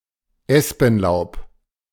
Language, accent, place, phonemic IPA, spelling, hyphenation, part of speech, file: German, Germany, Berlin, /ˈɛspn̩ˌlaʊ̯p/, Espenlaub, Es‧pen‧laub, noun, De-Espenlaub.ogg
- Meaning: aspen leaves